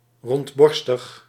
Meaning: 1. busty, round-breasted 2. honest, candid, open-hearted, straightforward, frank
- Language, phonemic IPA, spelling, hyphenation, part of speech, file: Dutch, /ˌrɔntˈbɔr.stəx/, rondborstig, rond‧bor‧stig, adjective, Nl-rondborstig.ogg